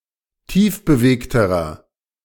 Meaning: inflection of tiefbewegt: 1. strong/mixed nominative masculine singular comparative degree 2. strong genitive/dative feminine singular comparative degree 3. strong genitive plural comparative degree
- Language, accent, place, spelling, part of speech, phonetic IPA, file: German, Germany, Berlin, tiefbewegterer, adjective, [ˈtiːfbəˌveːktəʁɐ], De-tiefbewegterer.ogg